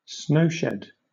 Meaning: A tunnel-like structure that provides roads and railroad tracks with protection from avalanches and heavy snowfalls that cannot be easily removed
- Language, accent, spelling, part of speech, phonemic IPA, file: English, Southern England, snow shed, noun, /ˈsnəʊʃɛd/, LL-Q1860 (eng)-snow shed.wav